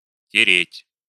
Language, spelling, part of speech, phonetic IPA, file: Russian, тереть, verb, [tʲɪˈrʲetʲ], Ru-тереть.ogg
- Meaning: 1. to rub 2. to polish 3. to rub sore, to chafe, to abrade 4. to grate, to grind